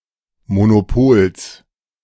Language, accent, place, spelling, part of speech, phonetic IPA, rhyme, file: German, Germany, Berlin, Monopols, noun, [monoˈpoːls], -oːls, De-Monopols.ogg
- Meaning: genitive singular of Monopol